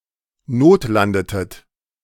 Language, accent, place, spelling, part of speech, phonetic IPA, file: German, Germany, Berlin, notlandetet, verb, [ˈnoːtˌlandətət], De-notlandetet.ogg
- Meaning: inflection of notlanden: 1. second-person plural preterite 2. second-person plural subjunctive II